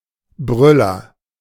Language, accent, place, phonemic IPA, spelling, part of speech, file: German, Germany, Berlin, /ˈbʁʏlɐ/, Brüller, noun, De-Brüller.ogg
- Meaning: hoot, quiz, gas, craic